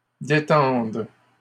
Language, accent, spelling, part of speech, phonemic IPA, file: French, Canada, détendes, verb, /de.tɑ̃d/, LL-Q150 (fra)-détendes.wav
- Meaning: second-person singular present subjunctive of détendre